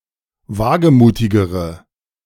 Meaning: inflection of wagemutig: 1. strong/mixed nominative/accusative feminine singular comparative degree 2. strong nominative/accusative plural comparative degree
- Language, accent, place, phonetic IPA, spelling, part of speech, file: German, Germany, Berlin, [ˈvaːɡəˌmuːtɪɡəʁə], wagemutigere, adjective, De-wagemutigere.ogg